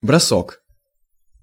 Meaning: 1. throw 2. rush, spurt
- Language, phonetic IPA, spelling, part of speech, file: Russian, [brɐˈsok], бросок, noun, Ru-бросок.ogg